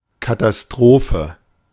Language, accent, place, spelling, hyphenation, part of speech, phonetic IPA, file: German, Germany, Berlin, Katastrophe, Ka‧ta‧s‧tro‧phe, noun, [ˌkatasˈtʁoːfə], De-Katastrophe.ogg
- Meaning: catastrophe, disaster, calamity